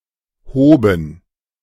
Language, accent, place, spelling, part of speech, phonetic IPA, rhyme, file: German, Germany, Berlin, hoben, verb, [ˈhoːbn̩], -oːbn̩, De-hoben.ogg
- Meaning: first/third-person plural preterite of heben